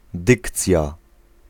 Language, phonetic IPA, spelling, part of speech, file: Polish, [ˈdɨkt͡sʲja], dykcja, noun, Pl-dykcja.ogg